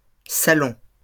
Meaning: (noun) plural of salon; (verb) inflection of saler: 1. first-person plural present indicative 2. first-person plural imperative
- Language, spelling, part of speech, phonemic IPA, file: French, salons, noun / verb, /sa.lɔ̃/, LL-Q150 (fra)-salons.wav